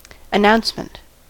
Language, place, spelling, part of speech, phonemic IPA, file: English, California, announcement, noun, /əˈnaʊns.mənt/, En-us-announcement.ogg
- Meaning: 1. An act of announcing, or giving notice 2. That which conveys what is announced 3. The content which is announced